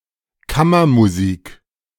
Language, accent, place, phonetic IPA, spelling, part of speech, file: German, Germany, Berlin, [ˈkamɐmuˌziːk], Kammermusik, noun, De-Kammermusik.ogg
- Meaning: chamber music